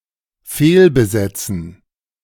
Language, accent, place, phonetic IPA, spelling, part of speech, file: German, Germany, Berlin, [ˈfeːlbəˌzɛt͡sn̩], fehlbesetzen, verb, De-fehlbesetzen.ogg
- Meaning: 1. to miscast 2. to misassign